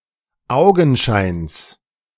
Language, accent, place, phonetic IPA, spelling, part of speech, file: German, Germany, Berlin, [ˈaʊ̯ɡn̩ˌʃaɪ̯ns], Augenscheins, noun, De-Augenscheins.ogg
- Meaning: genitive singular of Augenschein